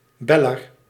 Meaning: caller, someone who calls in
- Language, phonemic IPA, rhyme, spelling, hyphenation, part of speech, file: Dutch, /ˈbɛ.lər/, -ɛlər, beller, bel‧ler, noun, Nl-beller.ogg